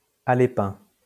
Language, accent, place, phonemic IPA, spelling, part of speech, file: French, France, Lyon, /a.le.pɛ̃/, alépin, adjective, LL-Q150 (fra)-alépin.wav
- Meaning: Aleppine